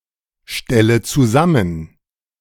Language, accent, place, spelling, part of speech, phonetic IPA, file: German, Germany, Berlin, stelle zusammen, verb, [ˌʃtɛlə t͡suˈzamən], De-stelle zusammen.ogg
- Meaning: inflection of zusammenstellen: 1. first-person singular present 2. first/third-person singular subjunctive I 3. singular imperative